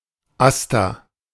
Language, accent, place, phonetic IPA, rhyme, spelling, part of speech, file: German, Germany, Berlin, [ˈasta], -asta, AStA, noun, De-AStA.ogg
- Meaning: 1. abbreviation of Allgemeiner Studentenausschuß or Allgemeiner Studentenausschuss (“General Students' Committee”) 2. abbreviation of Allgemeiner Studierendenausschuss (“General Students' Committee”)